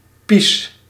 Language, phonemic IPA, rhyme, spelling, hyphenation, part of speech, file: Dutch, /ˈpis/, -is, pies, pies, noun, Nl-pies.ogg
- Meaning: alternative form of pis; pee, piss